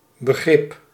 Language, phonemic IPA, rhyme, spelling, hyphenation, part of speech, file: Dutch, /bəˈɣrɪp/, -ɪp, begrip, be‧grip, noun, Nl-begrip.ogg
- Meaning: 1. understanding, comprehension 2. understanding, empathy 3. notion, concept, term 4. institution (well-known entity)